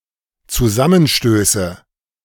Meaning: nominative/accusative/genitive plural of Zusammenstoß
- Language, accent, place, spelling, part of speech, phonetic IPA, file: German, Germany, Berlin, Zusammenstöße, noun, [t͡suˈzamənˌʃtøːsə], De-Zusammenstöße.ogg